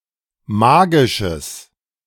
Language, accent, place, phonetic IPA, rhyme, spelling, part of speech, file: German, Germany, Berlin, [ˈmaːɡɪʃəs], -aːɡɪʃəs, magisches, adjective, De-magisches.ogg
- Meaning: strong/mixed nominative/accusative neuter singular of magisch